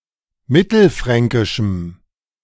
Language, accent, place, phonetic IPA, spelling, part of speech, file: German, Germany, Berlin, [ˈmɪtl̩ˌfʁɛŋkɪʃm̩], mittelfränkischem, adjective, De-mittelfränkischem.ogg
- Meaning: strong dative masculine/neuter singular of mittelfränkisch